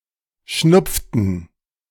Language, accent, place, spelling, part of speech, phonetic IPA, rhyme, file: German, Germany, Berlin, schnupften, verb, [ˈʃnʊp͡ftn̩], -ʊp͡ftn̩, De-schnupften.ogg
- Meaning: inflection of schnupfen: 1. first/third-person plural preterite 2. first/third-person plural subjunctive II